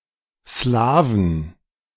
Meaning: 1. genitive singular of Slawe 2. plural of Slawe
- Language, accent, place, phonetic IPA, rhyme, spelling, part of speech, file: German, Germany, Berlin, [ˈslaːvn̩], -aːvn̩, Slawen, noun, De-Slawen.ogg